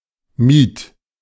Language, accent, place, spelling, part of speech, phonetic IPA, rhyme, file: German, Germany, Berlin, mied, verb, [miːt], -iːt, De-mied.ogg
- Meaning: first/third-person singular preterite of meiden